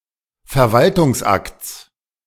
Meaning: genitive singular of Verwaltungsakt
- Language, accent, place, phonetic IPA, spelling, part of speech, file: German, Germany, Berlin, [fɛɐ̯ˈvaltʊŋsˌʔakt͡s], Verwaltungsakts, noun, De-Verwaltungsakts.ogg